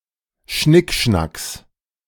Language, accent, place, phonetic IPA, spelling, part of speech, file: German, Germany, Berlin, [ˈʃnɪkˌʃnaks], Schnickschnacks, noun, De-Schnickschnacks.ogg
- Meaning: genitive singular of Schnickschnack